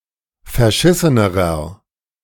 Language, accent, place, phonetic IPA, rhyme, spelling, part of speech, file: German, Germany, Berlin, [fɛɐ̯ˈʃɪsənəʁɐ], -ɪsənəʁɐ, verschissenerer, adjective, De-verschissenerer.ogg
- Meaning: inflection of verschissen: 1. strong/mixed nominative masculine singular comparative degree 2. strong genitive/dative feminine singular comparative degree 3. strong genitive plural comparative degree